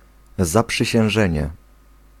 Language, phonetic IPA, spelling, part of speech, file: Polish, [ˌzapʃɨɕɛ̃w̃ˈʒɛ̃ɲɛ], zaprzysiężenie, noun, Pl-zaprzysiężenie.ogg